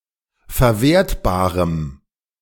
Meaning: strong dative masculine/neuter singular of verwertbar
- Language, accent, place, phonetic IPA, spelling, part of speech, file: German, Germany, Berlin, [fɛɐ̯ˈveːɐ̯tbaːʁəm], verwertbarem, adjective, De-verwertbarem.ogg